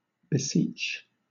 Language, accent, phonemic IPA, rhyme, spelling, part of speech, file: English, Southern England, /bɪˈsiːt͡ʃ/, -iːtʃ, beseech, verb / noun, LL-Q1860 (eng)-beseech.wav
- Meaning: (verb) 1. To beg or implore something of (a person) 2. To beg or request for (something); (noun) A request